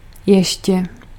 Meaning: 1. still 2. yet 3. even (emphasising a comparative) 4. alright
- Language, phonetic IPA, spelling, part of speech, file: Czech, [ˈjɛʃcɛ], ještě, adverb, Cs-ještě.ogg